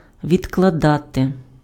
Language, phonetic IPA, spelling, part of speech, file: Ukrainian, [ʋʲidkɫɐˈdate], відкладати, verb, Uk-відкладати.ogg
- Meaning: 1. to put aside, to set aside, to lay aside 2. to postpone, to put off, to delay, to defer, to adjourn 3. to deposit